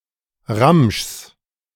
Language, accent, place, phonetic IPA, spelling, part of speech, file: German, Germany, Berlin, [ʁamʃs], Ramschs, noun, De-Ramschs.ogg
- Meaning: genitive singular of Ramsch